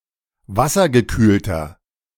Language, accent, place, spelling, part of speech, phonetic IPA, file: German, Germany, Berlin, wassergekühlter, adjective, [ˈvasɐɡəˌkyːltɐ], De-wassergekühlter.ogg
- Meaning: inflection of wassergekühlt: 1. strong/mixed nominative masculine singular 2. strong genitive/dative feminine singular 3. strong genitive plural